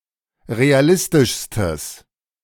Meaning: strong/mixed nominative/accusative neuter singular superlative degree of realistisch
- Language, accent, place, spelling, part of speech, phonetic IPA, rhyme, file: German, Germany, Berlin, realistischstes, adjective, [ʁeaˈlɪstɪʃstəs], -ɪstɪʃstəs, De-realistischstes.ogg